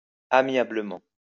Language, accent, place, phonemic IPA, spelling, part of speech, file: French, France, Lyon, /a.mja.blə.mɑ̃/, amiablement, adverb, LL-Q150 (fra)-amiablement.wav
- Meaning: 1. kindly, graciously 2. amicably